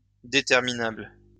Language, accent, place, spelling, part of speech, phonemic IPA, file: French, France, Lyon, déterminable, adjective, /de.tɛʁ.mi.nabl/, LL-Q150 (fra)-déterminable.wav
- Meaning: determinable